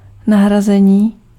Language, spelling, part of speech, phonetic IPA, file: Czech, nahrazení, noun, [ˈnaɦrazɛɲiː], Cs-nahrazení.ogg
- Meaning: replacement